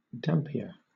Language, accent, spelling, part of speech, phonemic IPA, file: English, Southern England, Dampier, proper noun, /ˈdæmpiə(ɹ)/, LL-Q1860 (eng)-Dampier.wav
- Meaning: 1. A surname 2. A port in the Pilbara region, northwestern Western Australia, named indirectly after William Dampier